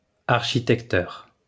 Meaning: 1. architect 2. an architect who is also a constructor
- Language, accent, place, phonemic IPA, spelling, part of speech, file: French, France, Lyon, /aʁ.ʃi.tɛk.tœʁ/, architecteur, noun, LL-Q150 (fra)-architecteur.wav